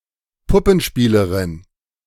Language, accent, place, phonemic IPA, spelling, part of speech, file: German, Germany, Berlin, /ˈpʊpənˌʃpiːlɐʁɪn/, Puppenspielerin, noun, De-Puppenspielerin.ogg
- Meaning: female equivalent of Puppenspieler (“puppeteer”)